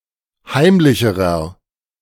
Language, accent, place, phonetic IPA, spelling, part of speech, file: German, Germany, Berlin, [ˈhaɪ̯mlɪçəʁɐ], heimlicherer, adjective, De-heimlicherer.ogg
- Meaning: inflection of heimlich: 1. strong/mixed nominative masculine singular comparative degree 2. strong genitive/dative feminine singular comparative degree 3. strong genitive plural comparative degree